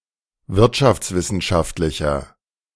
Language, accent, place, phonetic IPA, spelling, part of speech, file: German, Germany, Berlin, [ˈvɪʁtʃaft͡sˌvɪsn̩ʃaftlɪçɐ], wirtschaftswissenschaftlicher, adjective, De-wirtschaftswissenschaftlicher.ogg
- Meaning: inflection of wirtschaftswissenschaftlich: 1. strong/mixed nominative masculine singular 2. strong genitive/dative feminine singular 3. strong genitive plural